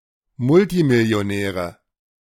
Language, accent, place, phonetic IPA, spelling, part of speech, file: German, Germany, Berlin, [ˈmʊltimɪli̯oˌnɛːʁə], Multimillionäre, noun, De-Multimillionäre.ogg
- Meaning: nominative/accusative/genitive plural of Multimillionär